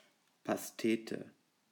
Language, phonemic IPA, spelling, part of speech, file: German, /pasˈteːtə/, Pastete, noun, De-Pastete.ogg
- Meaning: 1. pâté 2. pie